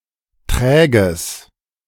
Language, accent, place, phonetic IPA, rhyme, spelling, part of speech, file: German, Germany, Berlin, [ˈtʁɛːɡəs], -ɛːɡəs, träges, adjective, De-träges.ogg
- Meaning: strong/mixed nominative/accusative neuter singular of träge